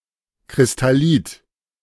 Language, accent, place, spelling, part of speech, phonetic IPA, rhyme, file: German, Germany, Berlin, Kristallit, noun, [kʁɪstaˈliːt], -iːt, De-Kristallit.ogg
- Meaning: crystallite